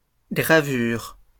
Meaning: plural of gravure
- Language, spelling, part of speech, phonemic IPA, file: French, gravures, noun, /ɡʁa.vyʁ/, LL-Q150 (fra)-gravures.wav